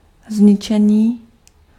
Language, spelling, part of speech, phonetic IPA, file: Czech, zničení, noun, [ˈzɲɪt͡ʃɛɲiː], Cs-zničení.ogg
- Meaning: 1. verbal noun of zničit 2. destruction, consumption, devastation, damage, ruination